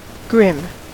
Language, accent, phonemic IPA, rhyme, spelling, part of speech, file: English, General American, /ɡɹɪm/, -ɪm, grim, adjective / verb / noun, En-us-grim.ogg
- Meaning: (adjective) 1. Dismal and gloomy, cold and forbidding 2. Rigid and unrelenting 3. Ghastly or sinister 4. Disgusting; gross 5. Fierce, cruel, furious